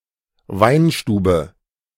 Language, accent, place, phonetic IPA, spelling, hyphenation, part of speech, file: German, Germany, Berlin, [ˈvaɪ̯nˌʃtuːbə], Weinstube, Wein‧stu‧be, noun, De-Weinstube.ogg
- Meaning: wine bar